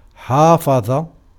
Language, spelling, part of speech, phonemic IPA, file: Arabic, حافظ, verb, /ħaː.fa.ðˤa/, Ar-حافظ.ogg
- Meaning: 1. to preserve, to maintain, to keep up, to uphold, to sustain 2. to supervise, to control, to watch over, to watch out for 3. to take care, to attend, to pay attention